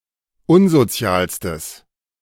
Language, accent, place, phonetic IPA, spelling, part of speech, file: German, Germany, Berlin, [ˈʊnzoˌt͡si̯aːlstəs], unsozialstes, adjective, De-unsozialstes.ogg
- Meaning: strong/mixed nominative/accusative neuter singular superlative degree of unsozial